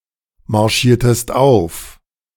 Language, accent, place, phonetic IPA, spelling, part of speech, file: German, Germany, Berlin, [maʁˌʃiːɐ̯təst ˈaʊ̯f], marschiertest auf, verb, De-marschiertest auf.ogg
- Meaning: inflection of aufmarschieren: 1. second-person singular preterite 2. second-person singular subjunctive II